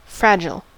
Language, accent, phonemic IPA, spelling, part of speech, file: English, US, /ˈfɹæd͡ʒəl/, fragile, adjective / noun, En-us-fragile.ogg
- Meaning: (adjective) 1. Easily broken, not sturdy; of delicate material 2. Readily disrupted or destroyed 3. Feeling weak or easily disturbed as a result of illness 4. Thin-skinned or oversensitive